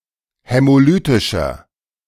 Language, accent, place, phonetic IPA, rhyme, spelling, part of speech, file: German, Germany, Berlin, [hɛmoˈlyːtɪʃɐ], -yːtɪʃɐ, hämolytischer, adjective, De-hämolytischer.ogg
- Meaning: inflection of hämolytisch: 1. strong/mixed nominative masculine singular 2. strong genitive/dative feminine singular 3. strong genitive plural